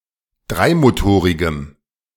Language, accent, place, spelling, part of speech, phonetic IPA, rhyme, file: German, Germany, Berlin, dreimotorigem, adjective, [ˈdʁaɪ̯moˌtoːʁɪɡəm], -aɪ̯motoːʁɪɡəm, De-dreimotorigem.ogg
- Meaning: strong dative masculine/neuter singular of dreimotorig